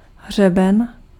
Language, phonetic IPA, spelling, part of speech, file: Czech, [ˈɦr̝ɛbɛn], hřeben, noun, Cs-hřeben.ogg
- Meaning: 1. comb (for hair) 2. ridge (of hills)